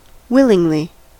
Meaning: Of one’s own free will; freely and spontaneously
- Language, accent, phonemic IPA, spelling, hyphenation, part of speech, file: English, US, /ˈwɪlɪŋli/, willingly, will‧ing‧ly, adverb, En-us-willingly.ogg